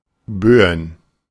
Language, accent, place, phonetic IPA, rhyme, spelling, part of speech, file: German, Germany, Berlin, [ˈbøːən], -øːən, Böen, noun, De-Böen.ogg
- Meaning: plural of Bö